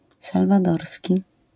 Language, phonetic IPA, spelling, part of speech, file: Polish, [ˌsalvaˈdɔrsʲci], salwadorski, adjective, LL-Q809 (pol)-salwadorski.wav